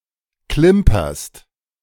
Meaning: second-person singular present of klimpern
- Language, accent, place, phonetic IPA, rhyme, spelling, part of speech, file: German, Germany, Berlin, [ˈklɪmpɐst], -ɪmpɐst, klimperst, verb, De-klimperst.ogg